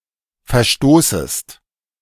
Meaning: second-person singular subjunctive I of verstoßen
- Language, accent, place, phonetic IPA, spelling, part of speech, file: German, Germany, Berlin, [fɛɐ̯ˈʃtoːsəst], verstoßest, verb, De-verstoßest.ogg